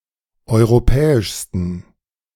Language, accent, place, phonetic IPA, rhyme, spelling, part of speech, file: German, Germany, Berlin, [ˌɔɪ̯ʁoˈpɛːɪʃstn̩], -ɛːɪʃstn̩, europäischsten, adjective, De-europäischsten.ogg
- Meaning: 1. superlative degree of europäisch 2. inflection of europäisch: strong genitive masculine/neuter singular superlative degree